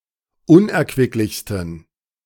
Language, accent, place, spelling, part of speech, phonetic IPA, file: German, Germany, Berlin, unerquicklichsten, adjective, [ˈʊnʔɛɐ̯kvɪklɪçstn̩], De-unerquicklichsten.ogg
- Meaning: 1. superlative degree of unerquicklich 2. inflection of unerquicklich: strong genitive masculine/neuter singular superlative degree